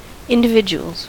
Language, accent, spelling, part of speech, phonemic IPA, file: English, US, individuals, noun, /ˌɪndɪˈvɪd͡ʒuəlz/, En-us-individuals.ogg
- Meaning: plural of individual